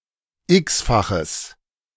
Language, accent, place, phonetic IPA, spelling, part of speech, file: German, Germany, Berlin, [ˈɪksfaxəs], x-faches, adjective, De-x-faches.ogg
- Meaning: strong/mixed nominative/accusative neuter singular of x-fach